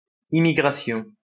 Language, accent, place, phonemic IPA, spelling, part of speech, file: French, France, Lyon, /i.mi.ɡʁa.sjɔ̃/, immigration, noun, LL-Q150 (fra)-immigration.wav
- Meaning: immigration